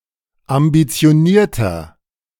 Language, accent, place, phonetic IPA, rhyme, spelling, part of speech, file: German, Germany, Berlin, [ambit͡si̯oˈniːɐ̯tɐ], -iːɐ̯tɐ, ambitionierter, adjective, De-ambitionierter.ogg
- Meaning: 1. comparative degree of ambitioniert 2. inflection of ambitioniert: strong/mixed nominative masculine singular 3. inflection of ambitioniert: strong genitive/dative feminine singular